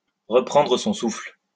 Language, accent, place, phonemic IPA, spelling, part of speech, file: French, France, Lyon, /ʁə.pʁɑ̃.dʁə sɔ̃ sufl/, reprendre son souffle, verb, LL-Q150 (fra)-reprendre son souffle.wav
- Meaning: to catch one's breath, to get one's breath back